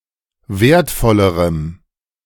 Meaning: strong dative masculine/neuter singular comparative degree of wertvoll
- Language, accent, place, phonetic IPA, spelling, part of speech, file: German, Germany, Berlin, [ˈveːɐ̯tˌfɔləʁəm], wertvollerem, adjective, De-wertvollerem.ogg